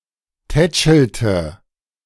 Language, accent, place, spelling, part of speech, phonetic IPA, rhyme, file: German, Germany, Berlin, tätschelte, verb, [ˈtɛt͡ʃl̩tə], -ɛt͡ʃl̩tə, De-tätschelte.ogg
- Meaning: inflection of tätscheln: 1. first/third-person singular preterite 2. first/third-person singular subjunctive II